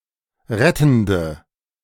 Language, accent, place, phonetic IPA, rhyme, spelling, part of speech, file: German, Germany, Berlin, [ˈʁɛtn̩də], -ɛtn̩də, rettende, adjective, De-rettende.ogg
- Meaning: inflection of rettend: 1. strong/mixed nominative/accusative feminine singular 2. strong nominative/accusative plural 3. weak nominative all-gender singular 4. weak accusative feminine/neuter singular